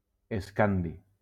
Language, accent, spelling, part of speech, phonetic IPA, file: Catalan, Valencia, escandi, noun, [esˈkan.di], LL-Q7026 (cat)-escandi.wav
- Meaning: scandium